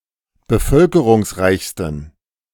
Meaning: 1. superlative degree of bevölkerungsreich 2. inflection of bevölkerungsreich: strong genitive masculine/neuter singular superlative degree
- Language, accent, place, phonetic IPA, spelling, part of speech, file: German, Germany, Berlin, [bəˈfœlkəʁʊŋsˌʁaɪ̯çstn̩], bevölkerungsreichsten, adjective, De-bevölkerungsreichsten.ogg